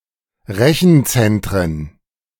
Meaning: plural of Rechenzentrum
- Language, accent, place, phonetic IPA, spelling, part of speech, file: German, Germany, Berlin, [ˈʁɛçn̩ˌt͡sɛntʁən], Rechenzentren, noun, De-Rechenzentren.ogg